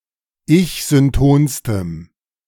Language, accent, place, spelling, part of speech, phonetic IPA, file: German, Germany, Berlin, ich-syntonstem, adjective, [ˈɪçzʏnˌtoːnstəm], De-ich-syntonstem.ogg
- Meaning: strong dative masculine/neuter singular superlative degree of ich-synton